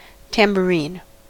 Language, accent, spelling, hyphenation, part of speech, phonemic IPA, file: English, US, tambourine, tam‧bour‧ine, noun / verb, /ˌtæm.bəˈɹiːn/, En-us-tambourine.ogg